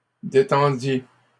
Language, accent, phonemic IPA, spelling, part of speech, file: French, Canada, /de.tɑ̃.dje/, détendiez, verb, LL-Q150 (fra)-détendiez.wav
- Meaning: inflection of détendre: 1. second-person plural imperfect indicative 2. second-person plural present subjunctive